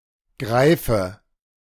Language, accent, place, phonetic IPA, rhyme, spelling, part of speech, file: German, Germany, Berlin, [ˈɡʁaɪ̯fə], -aɪ̯fə, Greife, noun, De-Greife.ogg
- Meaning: nominative/accusative/genitive plural of Greif